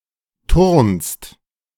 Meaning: second-person singular present of turnen
- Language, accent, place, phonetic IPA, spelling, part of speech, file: German, Germany, Berlin, [tʊʁnst], turnst, verb, De-turnst.ogg